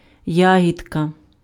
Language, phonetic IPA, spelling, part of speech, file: Ukrainian, [ˈjaɦʲidkɐ], ягідка, noun, Uk-ягідка.ogg
- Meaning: a small berry; diminutive of ягода (jahoda)